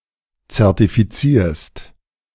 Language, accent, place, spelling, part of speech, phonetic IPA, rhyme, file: German, Germany, Berlin, zertifizierst, verb, [t͡sɛʁtifiˈt͡siːɐ̯st], -iːɐ̯st, De-zertifizierst.ogg
- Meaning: second-person singular present of zertifizieren